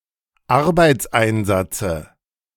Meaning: dative singular of Arbeitseinsatz
- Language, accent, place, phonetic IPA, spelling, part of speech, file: German, Germany, Berlin, [ˈaʁbaɪ̯t͡sˌʔaɪ̯nzat͡sə], Arbeitseinsatze, noun, De-Arbeitseinsatze.ogg